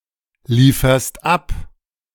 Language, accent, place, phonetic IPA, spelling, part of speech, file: German, Germany, Berlin, [ˌliːfɐst ˈap], lieferst ab, verb, De-lieferst ab.ogg
- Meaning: second-person singular present of abliefern